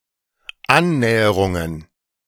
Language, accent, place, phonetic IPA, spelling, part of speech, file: German, Germany, Berlin, [ˈannɛːəʁʊŋən], Annäherungen, noun, De-Annäherungen.ogg
- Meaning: plural of Annäherung